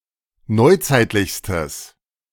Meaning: strong/mixed nominative/accusative neuter singular superlative degree of neuzeitlich
- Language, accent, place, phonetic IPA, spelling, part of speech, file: German, Germany, Berlin, [ˈnɔɪ̯ˌt͡saɪ̯tlɪçstəs], neuzeitlichstes, adjective, De-neuzeitlichstes.ogg